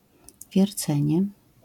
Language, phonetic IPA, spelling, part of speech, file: Polish, [vʲjɛrˈt͡sɛ̃ɲɛ], wiercenie, noun, LL-Q809 (pol)-wiercenie.wav